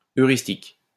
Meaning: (adjective) heuristic; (noun) heuristics
- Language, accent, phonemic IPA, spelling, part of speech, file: French, France, /œ.ʁis.tik/, heuristique, adjective / noun, LL-Q150 (fra)-heuristique.wav